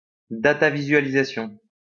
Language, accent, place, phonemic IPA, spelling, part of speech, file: French, France, Lyon, /da.ta.vi.zɥa.li.za.sjɔ̃/, datavisualisation, noun, LL-Q150 (fra)-datavisualisation.wav
- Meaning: data visualization (statistical graphics)